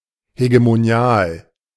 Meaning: hegemonic
- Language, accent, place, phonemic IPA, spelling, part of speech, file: German, Germany, Berlin, /heɡemoˈni̯aːl/, hegemonial, adjective, De-hegemonial.ogg